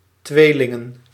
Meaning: Gemini
- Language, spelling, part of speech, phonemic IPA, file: Dutch, Tweelingen, proper noun / noun, /ˈtwelɪŋə(n)/, Nl-Tweelingen.ogg